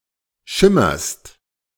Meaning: second-person singular present of schimmern
- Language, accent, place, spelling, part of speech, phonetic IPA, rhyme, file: German, Germany, Berlin, schimmerst, verb, [ˈʃɪmɐst], -ɪmɐst, De-schimmerst.ogg